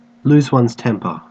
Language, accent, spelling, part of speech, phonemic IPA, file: English, Australia, lose one's temper, verb, /luːz wʌnz tɛmpə(ɹ)/, En-au-lose one's temper.ogg
- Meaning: To become angry or annoyed